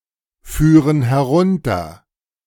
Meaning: first/third-person plural subjunctive II of herunterfahren
- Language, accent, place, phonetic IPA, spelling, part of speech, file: German, Germany, Berlin, [ˌfyːʁən hɛˈʁʊntɐ], führen herunter, verb, De-führen herunter.ogg